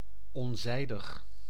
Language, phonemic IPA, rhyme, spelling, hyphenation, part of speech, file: Dutch, /ɔnˈzɛi̯.dəx/, -ɛi̯dəx, onzijdig, on‧zij‧dig, adjective, Nl-onzijdig.ogg
- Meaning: 1. neutral 2. neuter